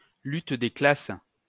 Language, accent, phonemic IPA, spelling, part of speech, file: French, France, /lyt de klas/, lutte des classes, noun, LL-Q150 (fra)-lutte des classes.wav
- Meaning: class struggle